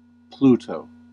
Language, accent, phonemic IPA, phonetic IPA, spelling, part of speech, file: English, US, /ˈplutoʊ/, [ˈpluɾoʊ], Pluto, proper noun, En-us-Pluto.ogg
- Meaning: 1. The Greco-Roman god of the underworld 2. The largest dwarf planet and formerly the ninth planet, represented by the symbol ♇ or ⯓, both now used mostly in astrology